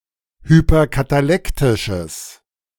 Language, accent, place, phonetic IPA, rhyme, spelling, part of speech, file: German, Germany, Berlin, [hypɐkataˈlɛktɪʃəs], -ɛktɪʃəs, hyperkatalektisches, adjective, De-hyperkatalektisches.ogg
- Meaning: strong/mixed nominative/accusative neuter singular of hyperkatalektisch